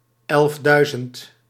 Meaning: eleven thousand
- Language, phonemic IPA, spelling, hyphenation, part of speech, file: Dutch, /ˈɛlfˌdœy̯.zənt/, elfduizend, elf‧dui‧zend, numeral, Nl-elfduizend.ogg